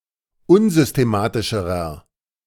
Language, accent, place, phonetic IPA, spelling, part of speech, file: German, Germany, Berlin, [ˈʊnzʏsteˌmaːtɪʃəʁɐ], unsystematischerer, adjective, De-unsystematischerer.ogg
- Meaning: inflection of unsystematisch: 1. strong/mixed nominative masculine singular comparative degree 2. strong genitive/dative feminine singular comparative degree